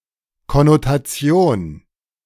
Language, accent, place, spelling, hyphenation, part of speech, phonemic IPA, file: German, Germany, Berlin, Konnotation, Kon‧no‧ta‧tion, noun, /kɔnotaˈt͡si̯oːn/, De-Konnotation.ogg
- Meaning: 1. connotation (suggested or implied meaning) 2. connotation (aggregate of attributes connoted by a term)